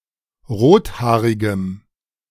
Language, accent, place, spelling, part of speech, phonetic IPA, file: German, Germany, Berlin, rothaarigem, adjective, [ˈʁoːtˌhaːʁɪɡəm], De-rothaarigem.ogg
- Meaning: strong dative masculine/neuter singular of rothaarig